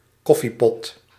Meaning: a coffeepot
- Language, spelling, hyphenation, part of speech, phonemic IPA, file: Dutch, koffiepot, kof‧fie‧pot, noun, /ˈkɔ.fiˌpɔt/, Nl-koffiepot.ogg